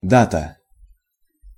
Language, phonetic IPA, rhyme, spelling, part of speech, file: Russian, [ˈdatə], -atə, дата, noun, Ru-дата.ogg
- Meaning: date (point in time)